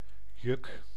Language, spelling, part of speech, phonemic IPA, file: Dutch, juk, noun / verb, /jʏk/, Nl-juk.ogg
- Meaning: 1. a yoke 2. a burden; something which represses or restrains a person